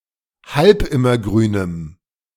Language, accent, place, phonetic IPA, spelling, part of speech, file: German, Germany, Berlin, [ˈhalpˌɪmɐˌɡʁyːnəm], halbimmergrünem, adjective, De-halbimmergrünem.ogg
- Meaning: strong dative masculine/neuter singular of halbimmergrün